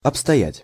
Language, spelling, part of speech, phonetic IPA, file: Russian, обстоять, verb, [ɐpstɐˈjætʲ], Ru-обстоять.ogg
- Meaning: to be, to be going, to be getting on, to stand (of affairs)